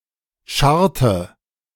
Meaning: inflection of scharren: 1. first/third-person singular preterite 2. first/third-person singular subjunctive II
- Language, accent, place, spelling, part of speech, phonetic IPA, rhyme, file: German, Germany, Berlin, scharrte, verb, [ˈʃaʁtə], -aʁtə, De-scharrte.ogg